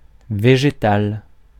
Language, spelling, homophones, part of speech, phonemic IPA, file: French, végétal, végétale / végétales, noun / adjective, /ve.ʒe.tal/, Fr-végétal.ogg
- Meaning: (noun) plant